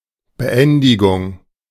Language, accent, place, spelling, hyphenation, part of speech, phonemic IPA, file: German, Germany, Berlin, Beendigung, Be‧en‧di‧gung, noun, /bəˈʔɛndɪɡʊŋ/, De-Beendigung.ogg
- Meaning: 1. cessation, termination, ending, conclusion 2. completion